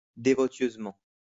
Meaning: 1. devotionally 2. devoutly 3. devotedly
- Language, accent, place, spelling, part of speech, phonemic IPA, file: French, France, Lyon, dévotieusement, adverb, /de.vɔ.sjøz.mɑ̃/, LL-Q150 (fra)-dévotieusement.wav